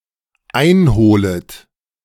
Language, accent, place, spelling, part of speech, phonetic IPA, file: German, Germany, Berlin, einholet, verb, [ˈaɪ̯nˌhoːlət], De-einholet.ogg
- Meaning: second-person plural dependent subjunctive I of einholen